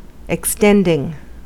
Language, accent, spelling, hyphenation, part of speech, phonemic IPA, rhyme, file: English, US, extending, ex‧tending, verb, /ɛkˈstɛndɪŋ/, -ɛndɪŋ, En-us-extending.ogg
- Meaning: present participle and gerund of extend